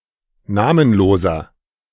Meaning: inflection of namenlos: 1. strong/mixed nominative masculine singular 2. strong genitive/dative feminine singular 3. strong genitive plural
- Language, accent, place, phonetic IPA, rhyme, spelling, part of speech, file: German, Germany, Berlin, [ˈnaːmənˌloːzɐ], -aːmənloːzɐ, namenloser, adjective, De-namenloser.ogg